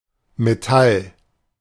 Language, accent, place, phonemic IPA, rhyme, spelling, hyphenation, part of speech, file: German, Germany, Berlin, /meˈtal/, -al, Metall, Me‧tall, noun, De-Metall.ogg
- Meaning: metal